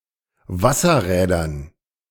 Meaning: dative plural of Wasserrad
- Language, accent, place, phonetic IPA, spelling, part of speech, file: German, Germany, Berlin, [ˈvasɐˌʁɛːdɐn], Wasserrädern, noun, De-Wasserrädern.ogg